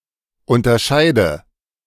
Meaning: inflection of unterscheiden: 1. first-person singular present 2. first/third-person singular subjunctive I 3. singular imperative
- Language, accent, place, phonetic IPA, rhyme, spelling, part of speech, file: German, Germany, Berlin, [ˌʊntɐˈʃaɪ̯də], -aɪ̯də, unterscheide, verb, De-unterscheide.ogg